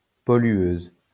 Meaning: female equivalent of pollueur
- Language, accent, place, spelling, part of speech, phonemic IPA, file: French, France, Lyon, pollueuse, noun, /pɔ.lɥøz/, LL-Q150 (fra)-pollueuse.wav